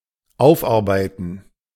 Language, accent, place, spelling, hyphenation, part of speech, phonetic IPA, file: German, Germany, Berlin, aufarbeiten, auf‧ar‧bei‧ten, verb, [ˈaʊ̯fˌʔaʁbaɪ̯tn̩], De-aufarbeiten.ogg
- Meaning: 1. to refurbish 2. to use up 3. to mentally process; to bring clarity to 4. to pick oneself up (figuratively)